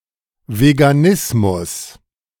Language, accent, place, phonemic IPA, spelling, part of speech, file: German, Germany, Berlin, /veɡaˈnɪsmʊs/, Veganismus, noun, De-Veganismus.ogg
- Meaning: veganism